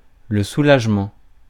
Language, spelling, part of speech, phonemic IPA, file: French, soulagement, noun, /su.laʒ.mɑ̃/, Fr-soulagement.ogg
- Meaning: relief (removal of stress or discomfort)